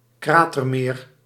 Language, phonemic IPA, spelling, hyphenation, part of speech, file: Dutch, /ˈkraː.tərˌmeːr/, kratermeer, kra‧ter‧meer, noun, Nl-kratermeer.ogg
- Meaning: crater lake